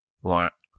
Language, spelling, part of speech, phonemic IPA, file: French, ouin, noun, /wɛ̃/, LL-Q150 (fra)-ouin.wav
- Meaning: an expression of sadness (like crying) by making such a sound; boo-hoo; waa